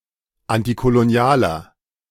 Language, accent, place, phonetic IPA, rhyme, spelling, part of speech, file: German, Germany, Berlin, [ˌantikoloˈni̯aːlɐ], -aːlɐ, antikolonialer, adjective, De-antikolonialer.ogg
- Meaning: inflection of antikolonial: 1. strong/mixed nominative masculine singular 2. strong genitive/dative feminine singular 3. strong genitive plural